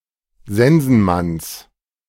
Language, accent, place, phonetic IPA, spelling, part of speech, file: German, Germany, Berlin, [ˈzɛnzn̩ˌmans], Sensenmanns, noun, De-Sensenmanns.ogg
- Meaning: genitive of Sensenmann